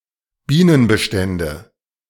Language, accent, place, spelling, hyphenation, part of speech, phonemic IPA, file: German, Germany, Berlin, Bienenbestände, Bie‧nen‧be‧stän‧de, noun, /ˈbiːnənbəˌʃtɛndə/, De-Bienenbestände.ogg
- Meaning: nominative/accusative/genitive plural of Bienenbestand